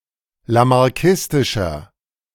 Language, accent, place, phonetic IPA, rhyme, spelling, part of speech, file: German, Germany, Berlin, [lamaʁˈkɪstɪʃɐ], -ɪstɪʃɐ, lamarckistischer, adjective, De-lamarckistischer.ogg
- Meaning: inflection of lamarckistisch: 1. strong/mixed nominative masculine singular 2. strong genitive/dative feminine singular 3. strong genitive plural